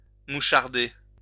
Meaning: 1. to rat; to rat on 2. to tell tales
- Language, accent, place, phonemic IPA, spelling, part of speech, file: French, France, Lyon, /mu.ʃaʁ.de/, moucharder, verb, LL-Q150 (fra)-moucharder.wav